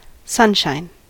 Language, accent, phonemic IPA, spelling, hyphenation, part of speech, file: English, US, /ˈsʌnʃaɪn/, sunshine, sun‧shine, noun / adjective, En-us-sunshine.ogg
- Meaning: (noun) 1. The direct rays, light or warmth of the sun 2. A location on which the sun's rays fall 3. Geniality or cheerfulness 4. A source of cheerfulness or joy